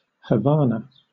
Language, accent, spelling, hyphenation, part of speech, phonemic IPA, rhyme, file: English, Southern England, Havana, Ha‧va‧na, proper noun / noun, /həˈvæ.nə/, -ænə, LL-Q1860 (eng)-Havana.wav
- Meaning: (proper noun) 1. The capital city of Cuba 2. The capital city of Cuba.: The Cuban government 3. A city, the county seat of Mason County, Illinois, United States